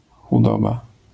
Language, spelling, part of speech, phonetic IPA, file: Polish, chudoba, noun, [xuˈdɔba], LL-Q809 (pol)-chudoba.wav